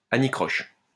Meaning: hitch (minor difficulty)
- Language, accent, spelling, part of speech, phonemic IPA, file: French, France, anicroche, noun, /a.ni.kʁɔʃ/, LL-Q150 (fra)-anicroche.wav